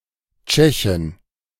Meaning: Czech (woman from the Czech Republic)
- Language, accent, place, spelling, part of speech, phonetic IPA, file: German, Germany, Berlin, Tschechin, noun, [ˈtʃɛçɪn], De-Tschechin.ogg